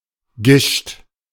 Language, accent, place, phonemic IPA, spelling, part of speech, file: German, Germany, Berlin, /ɡɪʃt/, Gischt, noun, De-Gischt.ogg
- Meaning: 1. the frothy foam on sea waves 2. other kinds of foam or froth that form on liquids, such as on beer or boiling water